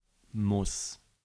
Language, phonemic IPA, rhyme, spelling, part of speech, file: German, /mʊs/, -ʊs, muss, verb, De-muss.ogg
- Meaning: first/third-person singular present of müssen